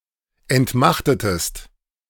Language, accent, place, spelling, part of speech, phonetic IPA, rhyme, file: German, Germany, Berlin, entmachtetest, verb, [ɛntˈmaxtətəst], -axtətəst, De-entmachtetest.ogg
- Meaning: inflection of entmachten: 1. second-person singular preterite 2. second-person singular subjunctive II